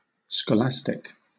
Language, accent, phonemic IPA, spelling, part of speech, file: English, Southern England, /skəˈlæstɪk/, scholastic, noun / adjective, LL-Q1860 (eng)-scholastic.wav
- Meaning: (noun) A member of the medieval philosophical school of scholasticism; a medieval Christian Aristotelian; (adjective) Of or relating to school; academic